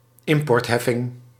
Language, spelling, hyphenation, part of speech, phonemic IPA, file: Dutch, importheffing, im‧port‧hef‧fing, noun, /ˈɪm.pɔrtˌɦɛ.fɪŋ/, Nl-importheffing.ogg
- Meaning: tariff (duty on imports or exports)